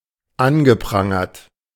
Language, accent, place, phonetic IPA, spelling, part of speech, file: German, Germany, Berlin, [ˈanɡəˌpʁaŋɐt], angeprangert, verb, De-angeprangert.ogg
- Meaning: past participle of anprangern